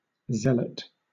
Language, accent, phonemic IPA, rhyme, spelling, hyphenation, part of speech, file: English, Southern England, /ˈzɛl.ət/, -ɛlət, zealot, zeal‧ot, noun, LL-Q1860 (eng)-zealot.wav
- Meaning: One who is zealous, one who is full of zeal for their own specific beliefs or objectives, usually in the negative sense of being too passionate; a fanatic